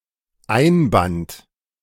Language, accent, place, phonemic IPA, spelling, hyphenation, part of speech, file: German, Germany, Berlin, /ˈaɪ̯nˌbant/, Einband, Ein‧band, noun, De-Einband.ogg
- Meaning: cover (of a book)